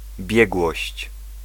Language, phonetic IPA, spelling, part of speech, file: Polish, [ˈbʲjɛɡwɔɕt͡ɕ], biegłość, noun, Pl-biegłość.ogg